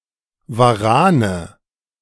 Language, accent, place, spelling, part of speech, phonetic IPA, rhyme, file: German, Germany, Berlin, Warane, noun, [vaˈʁaːnə], -aːnə, De-Warane.ogg
- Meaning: nominative/accusative/genitive plural of Waran